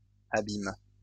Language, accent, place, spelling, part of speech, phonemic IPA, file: French, France, Lyon, abimes, noun / verb, /a.bim/, LL-Q150 (fra)-abimes.wav
- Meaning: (noun) plural of abime; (verb) second-person singular present indicative/subjunctive of abimer